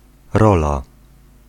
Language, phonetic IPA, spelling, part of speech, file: Polish, [ˈrɔla], rola, noun, Pl-rola.ogg